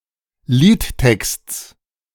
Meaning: genitive singular of Liedtext
- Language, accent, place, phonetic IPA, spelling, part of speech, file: German, Germany, Berlin, [ˈliːtˌtɛkst͡s], Liedtexts, noun, De-Liedtexts.ogg